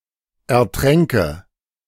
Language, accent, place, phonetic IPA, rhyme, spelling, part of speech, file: German, Germany, Berlin, [ɛɐ̯ˈtʁɛŋkə], -ɛŋkə, ertränke, verb, De-ertränke.ogg
- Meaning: first/third-person singular subjunctive II of ertrinken